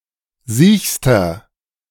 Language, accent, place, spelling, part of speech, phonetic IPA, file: German, Germany, Berlin, siechster, adjective, [ˈziːçstɐ], De-siechster.ogg
- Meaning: inflection of siech: 1. strong/mixed nominative masculine singular superlative degree 2. strong genitive/dative feminine singular superlative degree 3. strong genitive plural superlative degree